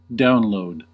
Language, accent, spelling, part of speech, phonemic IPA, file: English, US, download, noun / verb, /ˈdaʊnˌloʊd/, En-us-download.ogg
- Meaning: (noun) 1. A file transfer to a given computer or device from a remote one through a network connection 2. A file that has been or is intended to be transferred in this way